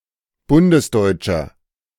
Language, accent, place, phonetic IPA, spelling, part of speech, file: German, Germany, Berlin, [ˈbʊndəsˌdɔɪ̯t͡ʃɐ], bundesdeutscher, adjective, De-bundesdeutscher.ogg
- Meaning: inflection of bundesdeutsch: 1. strong/mixed nominative masculine singular 2. strong genitive/dative feminine singular 3. strong genitive plural